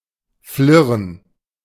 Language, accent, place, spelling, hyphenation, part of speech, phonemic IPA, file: German, Germany, Berlin, flirren, flir‧ren, verb, /ˈflɪʁən/, De-flirren.ogg
- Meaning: to vibrate, to quiver, to whirr, to flacker